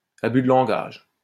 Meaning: malapropism (improper use of language, whether humorous or not)
- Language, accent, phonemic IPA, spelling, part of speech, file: French, France, /a.by d(ə) lɑ̃.ɡaʒ/, abus de langage, noun, LL-Q150 (fra)-abus de langage.wav